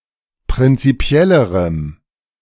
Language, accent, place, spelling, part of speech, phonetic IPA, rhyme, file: German, Germany, Berlin, prinzipiellerem, adjective, [pʁɪnt͡siˈpi̯ɛləʁəm], -ɛləʁəm, De-prinzipiellerem.ogg
- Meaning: strong dative masculine/neuter singular comparative degree of prinzipiell